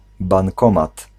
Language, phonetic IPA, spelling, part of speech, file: Polish, [bãŋˈkɔ̃mat], bankomat, noun, Pl-bankomat.ogg